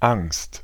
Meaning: fear; fright; anxiety
- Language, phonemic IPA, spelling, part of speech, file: German, /aŋst/, Angst, noun, De-Angst.ogg